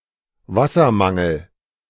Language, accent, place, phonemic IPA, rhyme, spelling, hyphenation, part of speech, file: German, Germany, Berlin, /ˈvasɐˌmaŋl̩/, -aŋl̩, Wassermangel, Was‧ser‧man‧gel, noun, De-Wassermangel.ogg
- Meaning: water shortage